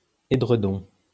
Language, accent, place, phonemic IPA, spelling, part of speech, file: French, France, Lyon, /e.dʁə.dɔ̃/, édredon, noun, LL-Q150 (fra)-édredon.wav
- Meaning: 1. eiderdown 2. an eiderdown comforter